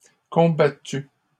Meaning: feminine singular of combattu
- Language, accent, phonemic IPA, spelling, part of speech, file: French, Canada, /kɔ̃.ba.ty/, combattue, verb, LL-Q150 (fra)-combattue.wav